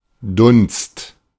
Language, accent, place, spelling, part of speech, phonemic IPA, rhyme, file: German, Germany, Berlin, Dunst, noun, /dʊnst/, -ʊnst, De-Dunst.ogg
- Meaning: haze, mist